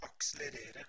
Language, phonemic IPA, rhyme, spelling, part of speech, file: Norwegian Bokmål, /ɑksɛlɛreːrə/, -eːrə, akselerere, verb, No-akselerere.ogg
- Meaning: to accelerate (to cause to move faster)